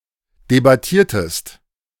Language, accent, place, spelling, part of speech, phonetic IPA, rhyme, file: German, Germany, Berlin, debattiertest, verb, [debaˈtiːɐ̯təst], -iːɐ̯təst, De-debattiertest.ogg
- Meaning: inflection of debattieren: 1. second-person singular preterite 2. second-person singular subjunctive II